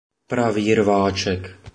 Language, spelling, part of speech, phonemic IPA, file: Czech, pravý rváček, phrase, /ˈpraviː ˈrvaːt͡ʃɛk/, Cs-pravý rváček.oga
- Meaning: 1. openside flanker 2. position of openside flanker